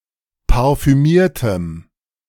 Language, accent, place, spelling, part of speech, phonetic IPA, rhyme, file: German, Germany, Berlin, parfümiertem, adjective, [paʁfyˈmiːɐ̯təm], -iːɐ̯təm, De-parfümiertem.ogg
- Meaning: strong dative masculine/neuter singular of parfümiert